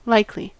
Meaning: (adjective) 1. Probable; having a greater-than-even chance of occurring 2. Reasonably to be expected; apparently destined, probable
- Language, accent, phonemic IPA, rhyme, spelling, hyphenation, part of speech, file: English, US, /ˈlaɪkli/, -aɪkli, likely, like‧ly, adjective / noun / adverb, En-us-likely.ogg